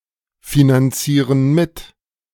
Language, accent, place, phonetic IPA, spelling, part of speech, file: German, Germany, Berlin, [finanˌt͡siːʁən ˈmɪt], finanzieren mit, verb, De-finanzieren mit.ogg
- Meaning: inflection of mitfinanzieren: 1. first/third-person plural present 2. first/third-person plural subjunctive I